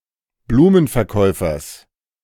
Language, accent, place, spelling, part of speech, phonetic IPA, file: German, Germany, Berlin, Blumenverkäufers, noun, [ˈbluːmənfɛɐ̯ˌkɔɪ̯fɐs], De-Blumenverkäufers.ogg
- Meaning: genitive of Blumenverkäufer